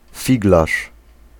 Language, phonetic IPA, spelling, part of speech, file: Polish, [ˈfʲiɡlaʃ], figlarz, noun, Pl-figlarz.ogg